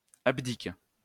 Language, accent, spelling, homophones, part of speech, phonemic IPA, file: French, France, abdique, abdiquent / abdiques, verb, /ab.dik/, LL-Q150 (fra)-abdique.wav
- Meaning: inflection of abdiquer: 1. first/third-person singular present indicative/subjunctive 2. second-person singular imperative